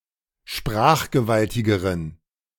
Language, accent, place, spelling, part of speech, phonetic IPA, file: German, Germany, Berlin, sprachgewaltigeren, adjective, [ˈʃpʁaːxɡəˌvaltɪɡəʁən], De-sprachgewaltigeren.ogg
- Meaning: inflection of sprachgewaltig: 1. strong genitive masculine/neuter singular comparative degree 2. weak/mixed genitive/dative all-gender singular comparative degree